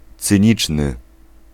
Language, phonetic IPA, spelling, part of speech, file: Polish, [t͡sɨ̃ˈɲit͡ʃnɨ], cyniczny, adjective, Pl-cyniczny.ogg